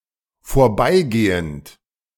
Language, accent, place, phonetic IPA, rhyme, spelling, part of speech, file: German, Germany, Berlin, [foːɐ̯ˈbaɪ̯ˌɡeːənt], -aɪ̯ɡeːənt, vorbeigehend, verb, De-vorbeigehend.ogg
- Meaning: present participle of vorbeigehen